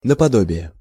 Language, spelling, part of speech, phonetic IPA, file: Russian, наподобие, preposition, [nəpɐˈdobʲɪje], Ru-наподобие.ogg
- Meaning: like, not unlike